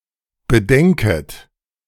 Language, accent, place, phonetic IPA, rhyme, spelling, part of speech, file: German, Germany, Berlin, [bəˈdɛŋkət], -ɛŋkət, bedenket, verb, De-bedenket.ogg
- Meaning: second-person plural subjunctive I of bedenken